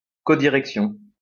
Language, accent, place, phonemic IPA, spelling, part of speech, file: French, France, Lyon, /kɔ.di.ʁɛk.sjɔ̃/, codirection, noun, LL-Q150 (fra)-codirection.wav
- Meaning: codirection